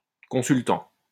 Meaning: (adjective) consulting; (noun) counselee, advisee (person who solicits advice from a professional)
- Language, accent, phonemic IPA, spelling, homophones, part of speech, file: French, France, /kɔ̃.syl.tɑ̃/, consultant, consultants, adjective / noun / verb, LL-Q150 (fra)-consultant.wav